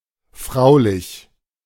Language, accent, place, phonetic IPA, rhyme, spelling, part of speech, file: German, Germany, Berlin, [ˈfʁaʊ̯lɪç], -aʊ̯lɪç, fraulich, adjective, De-fraulich.ogg
- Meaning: womanly, womanlike